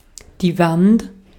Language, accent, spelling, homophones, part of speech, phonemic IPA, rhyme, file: German, Austria, Wand, Want, noun, /vant/, -ant, De-at-Wand.ogg
- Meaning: 1. wall, partition 2. vertical face of a precipice, any large vertical surface